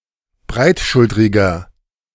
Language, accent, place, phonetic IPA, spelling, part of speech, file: German, Germany, Berlin, [ˈbʁaɪ̯tˌʃʊltʁɪɡɐ], breitschultriger, adjective, De-breitschultriger.ogg
- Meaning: 1. comparative degree of breitschultrig 2. inflection of breitschultrig: strong/mixed nominative masculine singular 3. inflection of breitschultrig: strong genitive/dative feminine singular